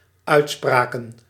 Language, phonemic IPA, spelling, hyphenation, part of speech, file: Dutch, /ˈœy̯tˌspraː.kə(n)/, uitspraken, uit‧spra‧ken, verb / noun, Nl-uitspraken.ogg
- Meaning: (verb) inflection of uitspreken: 1. plural dependent-clause past indicative 2. plural dependent-clause past subjunctive; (noun) plural of uitspraak